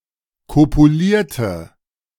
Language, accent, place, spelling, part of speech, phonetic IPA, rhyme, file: German, Germany, Berlin, kopulierte, adjective / verb, [ˌkopuˈliːɐ̯tə], -iːɐ̯tə, De-kopulierte.ogg
- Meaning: inflection of kopulieren: 1. first/third-person singular preterite 2. first/third-person singular subjunctive II